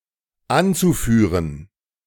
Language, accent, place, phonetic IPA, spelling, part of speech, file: German, Germany, Berlin, [ˈant͡suˌfyːʁən], anzuführen, verb, De-anzuführen.ogg
- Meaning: zu-infinitive of anführen